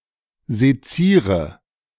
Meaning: inflection of sezieren: 1. first-person singular present 2. first/third-person singular subjunctive I 3. singular imperative
- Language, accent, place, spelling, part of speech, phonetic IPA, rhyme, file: German, Germany, Berlin, seziere, verb, [zeˈt͡siːʁə], -iːʁə, De-seziere.ogg